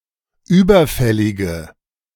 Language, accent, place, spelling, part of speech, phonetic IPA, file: German, Germany, Berlin, überfällige, adjective, [ˈyːbɐˌfɛlɪɡə], De-überfällige.ogg
- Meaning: inflection of überfällig: 1. strong/mixed nominative/accusative feminine singular 2. strong nominative/accusative plural 3. weak nominative all-gender singular